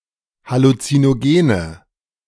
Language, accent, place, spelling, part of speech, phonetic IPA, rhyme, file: German, Germany, Berlin, Halluzinogene, noun, [halut͡sinoˈɡeːnə], -eːnə, De-Halluzinogene.ogg
- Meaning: nominative/accusative/genitive plural of Halluzinogen